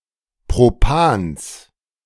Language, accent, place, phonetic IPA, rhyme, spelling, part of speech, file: German, Germany, Berlin, [ˌpʁoˈpaːns], -aːns, Propans, noun, De-Propans.ogg
- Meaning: genitive singular of Propan